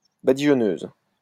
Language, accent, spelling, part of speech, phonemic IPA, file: French, France, badigeonneuse, noun, /ba.di.ʒɔ.nøz/, LL-Q150 (fra)-badigeonneuse.wav
- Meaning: female equivalent of badigeonneur